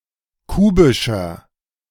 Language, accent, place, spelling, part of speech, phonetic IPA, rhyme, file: German, Germany, Berlin, kubischer, adjective, [ˈkuːbɪʃɐ], -uːbɪʃɐ, De-kubischer.ogg
- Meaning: inflection of kubisch: 1. strong/mixed nominative masculine singular 2. strong genitive/dative feminine singular 3. strong genitive plural